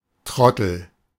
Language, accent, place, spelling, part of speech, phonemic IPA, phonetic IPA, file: German, Germany, Berlin, Trottel, noun, /ˈtʁɔtəl/, [ˈtʁɔtl̩], De-Trottel.ogg
- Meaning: idiot, fool, boob, etc